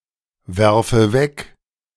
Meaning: inflection of wegwerfen: 1. first-person singular present 2. first/third-person singular subjunctive I
- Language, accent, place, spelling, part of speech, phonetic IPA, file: German, Germany, Berlin, werfe weg, verb, [ˌvɛʁfə ˈvɛk], De-werfe weg.ogg